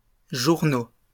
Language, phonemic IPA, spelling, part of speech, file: French, /ʒuʁ.no/, journaux, noun, LL-Q150 (fra)-journaux.wav
- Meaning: plural of journal